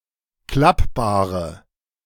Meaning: inflection of klappbar: 1. strong/mixed nominative/accusative feminine singular 2. strong nominative/accusative plural 3. weak nominative all-gender singular
- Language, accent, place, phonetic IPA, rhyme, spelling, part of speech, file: German, Germany, Berlin, [ˈklapbaːʁə], -apbaːʁə, klappbare, adjective, De-klappbare.ogg